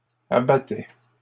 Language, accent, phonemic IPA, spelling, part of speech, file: French, Canada, /a.ba.tɛ/, abattaient, verb, LL-Q150 (fra)-abattaient.wav
- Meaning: third-person plural imperfect indicative of abattre